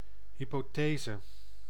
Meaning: a hypothesis, tentative conjecture, as postulated in science
- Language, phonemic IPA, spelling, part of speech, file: Dutch, /ˌhipoˈtezə/, hypothese, noun, Nl-hypothese.ogg